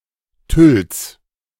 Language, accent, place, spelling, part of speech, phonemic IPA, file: German, Germany, Berlin, Tülls, noun, /tʏls/, De-Tülls.ogg
- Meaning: genitive singular of Tüll